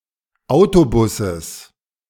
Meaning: genitive singular of Autobus
- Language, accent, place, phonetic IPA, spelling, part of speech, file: German, Germany, Berlin, [ˈaʊ̯toˌbʊsəs], Autobusses, noun, De-Autobusses.ogg